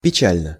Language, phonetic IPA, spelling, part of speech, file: Russian, [pʲɪˈt͡ɕælʲnə], печально, adverb / adjective, Ru-печально.ogg
- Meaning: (adverb) sadly, sorrowfully; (adjective) short neuter singular of печа́льный (pečálʹnyj, “sad, sorrowful”)